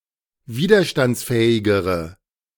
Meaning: inflection of widerstandsfähig: 1. strong/mixed nominative/accusative feminine singular comparative degree 2. strong nominative/accusative plural comparative degree
- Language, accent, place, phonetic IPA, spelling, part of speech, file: German, Germany, Berlin, [ˈviːdɐʃtant͡sˌfɛːɪɡəʁə], widerstandsfähigere, adjective, De-widerstandsfähigere.ogg